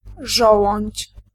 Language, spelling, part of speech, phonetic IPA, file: Polish, żołądź, noun, [ˈʒɔwɔ̃ɲt͡ɕ], Pl-żołądź.ogg